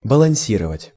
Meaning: 1. to balance, to keep one's balance 2. to balance, to equipoise
- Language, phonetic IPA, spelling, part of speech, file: Russian, [bəɫɐn⁽ʲ⁾ˈsʲirəvətʲ], балансировать, verb, Ru-балансировать.ogg